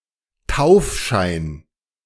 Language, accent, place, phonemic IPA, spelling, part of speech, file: German, Germany, Berlin, /ˈtaʊ̯fʃaɪ̯n/, Taufschein, noun, De-Taufschein.ogg
- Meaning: certificate of baptism